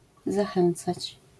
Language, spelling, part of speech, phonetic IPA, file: Polish, zachęcać, verb, [zaˈxɛ̃nt͡sat͡ɕ], LL-Q809 (pol)-zachęcać.wav